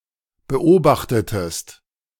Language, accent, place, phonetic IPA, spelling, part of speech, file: German, Germany, Berlin, [bəˈʔoːbaxtətəst], beobachtetest, verb, De-beobachtetest.ogg
- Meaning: inflection of beobachten: 1. second-person singular preterite 2. second-person singular subjunctive II